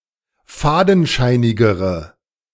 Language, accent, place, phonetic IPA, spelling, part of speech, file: German, Germany, Berlin, [ˈfaːdn̩ˌʃaɪ̯nɪɡəʁə], fadenscheinigere, adjective, De-fadenscheinigere.ogg
- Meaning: inflection of fadenscheinig: 1. strong/mixed nominative/accusative feminine singular comparative degree 2. strong nominative/accusative plural comparative degree